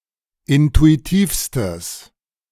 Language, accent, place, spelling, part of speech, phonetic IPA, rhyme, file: German, Germany, Berlin, intuitivstes, adjective, [ˌɪntuiˈtiːfstəs], -iːfstəs, De-intuitivstes.ogg
- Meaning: strong/mixed nominative/accusative neuter singular superlative degree of intuitiv